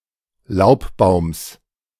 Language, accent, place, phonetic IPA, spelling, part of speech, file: German, Germany, Berlin, [ˈlaʊ̯pˌbaʊ̯ms], Laubbaums, noun, De-Laubbaums.ogg
- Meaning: genitive singular of Laubbaum